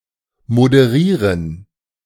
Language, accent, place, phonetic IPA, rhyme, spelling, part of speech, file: German, Germany, Berlin, [modəˈʁiːʁən], -iːʁən, moderieren, verb, De-moderieren.ogg
- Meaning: to moderate